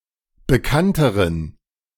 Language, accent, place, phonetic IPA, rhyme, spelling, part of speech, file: German, Germany, Berlin, [bəˈkantəʁən], -antəʁən, bekannteren, adjective, De-bekannteren.ogg
- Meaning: inflection of bekannt: 1. strong genitive masculine/neuter singular comparative degree 2. weak/mixed genitive/dative all-gender singular comparative degree